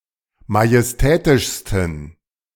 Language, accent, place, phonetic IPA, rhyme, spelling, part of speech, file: German, Germany, Berlin, [majɛsˈtɛːtɪʃstn̩], -ɛːtɪʃstn̩, majestätischsten, adjective, De-majestätischsten.ogg
- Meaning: 1. superlative degree of majestätisch 2. inflection of majestätisch: strong genitive masculine/neuter singular superlative degree